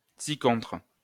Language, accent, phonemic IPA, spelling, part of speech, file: French, France, /si.kɔ̃tʁ/, ci-contre, preposition, LL-Q150 (fra)-ci-contre.wav
- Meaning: thereagainst